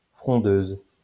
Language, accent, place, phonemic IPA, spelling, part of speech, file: French, France, Lyon, /fʁɔ̃.døz/, frondeuse, noun / adjective, LL-Q150 (fra)-frondeuse.wav
- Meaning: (noun) female equivalent of frondeur; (adjective) feminine singular of frondeur